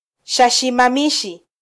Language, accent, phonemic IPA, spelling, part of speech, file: Swahili, Kenya, /ʃɑʃimɑˈmiʃi/, shashimamishi, adverb, Sw-ke-shashimamishi.flac
- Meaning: haughtily, arrogantly